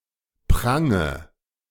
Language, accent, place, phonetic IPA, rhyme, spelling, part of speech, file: German, Germany, Berlin, [ˈpʁaŋə], -aŋə, prange, verb, De-prange.ogg
- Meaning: inflection of prangen: 1. first-person singular present 2. first/third-person singular subjunctive I 3. singular imperative